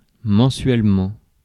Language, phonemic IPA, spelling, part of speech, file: French, /mɑ̃.sɥɛl.mɑ̃/, mensuellement, adverb, Fr-mensuellement.ogg
- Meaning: monthly (once a month)